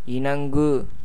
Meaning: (verb) to consent, comply with; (noun) 1. union, friendship 2. match, fit mate 3. devil
- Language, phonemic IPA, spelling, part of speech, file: Tamil, /ɪɳɐŋɡɯ/, இணங்கு, verb / noun, Ta-இணங்கு.ogg